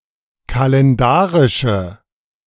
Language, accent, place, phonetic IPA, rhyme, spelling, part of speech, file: German, Germany, Berlin, [kalɛnˈdaːʁɪʃə], -aːʁɪʃə, kalendarische, adjective, De-kalendarische.ogg
- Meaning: inflection of kalendarisch: 1. strong/mixed nominative/accusative feminine singular 2. strong nominative/accusative plural 3. weak nominative all-gender singular